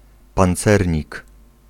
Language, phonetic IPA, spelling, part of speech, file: Polish, [pãnˈt͡sɛrʲɲik], pancernik, noun, Pl-pancernik.ogg